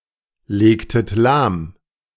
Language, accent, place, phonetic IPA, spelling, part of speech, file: German, Germany, Berlin, [ˌleːktət ˈlaːm], legtet lahm, verb, De-legtet lahm.ogg
- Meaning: inflection of lahmlegen: 1. second-person plural preterite 2. second-person plural subjunctive II